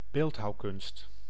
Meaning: artistic sculpting
- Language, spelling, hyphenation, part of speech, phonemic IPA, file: Dutch, beeldhouwkunst, beeld‧houw‧kunst, noun, /ˈbeːlt.ɦɑu̯ˌkʏnst/, Nl-beeldhouwkunst.ogg